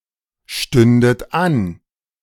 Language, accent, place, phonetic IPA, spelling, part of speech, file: German, Germany, Berlin, [ˌʃtʏndət ˈan], stündet an, verb, De-stündet an.ogg
- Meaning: second-person plural subjunctive II of anstehen